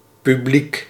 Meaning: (noun) audience; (adjective) public
- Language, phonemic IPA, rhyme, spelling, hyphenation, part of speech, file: Dutch, /pyˈblik/, -ik, publiek, pu‧bliek, noun / adjective, Nl-publiek.ogg